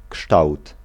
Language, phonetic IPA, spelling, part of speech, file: Polish, [kʃtawt], kształt, noun, Pl-kształt.ogg